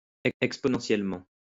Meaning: exponentially
- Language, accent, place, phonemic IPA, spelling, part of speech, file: French, France, Lyon, /ɛk.spɔ.nɑ̃.sjɛl.mɑ̃/, exponentiellement, adverb, LL-Q150 (fra)-exponentiellement.wav